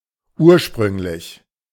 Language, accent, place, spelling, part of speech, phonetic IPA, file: German, Germany, Berlin, ursprünglich, adjective, [ˈʔu(ː)ɐ̯.ʃpʁʏŋ.lɪç], De-ursprünglich.ogg
- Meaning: 1. original, initial, first 2. original, authentic, genuine, unadulterated